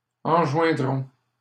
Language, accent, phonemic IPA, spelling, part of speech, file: French, Canada, /ɑ̃.ʒwɛ̃.dʁɔ̃/, enjoindront, verb, LL-Q150 (fra)-enjoindront.wav
- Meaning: third-person plural future of enjoindre